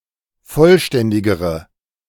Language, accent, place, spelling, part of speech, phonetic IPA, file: German, Germany, Berlin, vollständigere, adjective, [ˈfɔlˌʃtɛndɪɡəʁə], De-vollständigere.ogg
- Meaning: inflection of vollständig: 1. strong/mixed nominative/accusative feminine singular comparative degree 2. strong nominative/accusative plural comparative degree